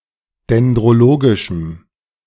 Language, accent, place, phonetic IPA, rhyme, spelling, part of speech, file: German, Germany, Berlin, [dɛndʁoˈloːɡɪʃm̩], -oːɡɪʃm̩, dendrologischem, adjective, De-dendrologischem.ogg
- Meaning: strong dative masculine/neuter singular of dendrologisch